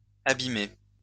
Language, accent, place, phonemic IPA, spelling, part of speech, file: French, France, Lyon, /a.bi.me/, abîmés, verb, LL-Q150 (fra)-abîmés.wav
- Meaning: masculine plural of abîmé